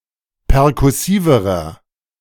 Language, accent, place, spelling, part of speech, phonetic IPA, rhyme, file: German, Germany, Berlin, perkussiverer, adjective, [pɛʁkʊˈsiːvəʁɐ], -iːvəʁɐ, De-perkussiverer.ogg
- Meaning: inflection of perkussiv: 1. strong/mixed nominative masculine singular comparative degree 2. strong genitive/dative feminine singular comparative degree 3. strong genitive plural comparative degree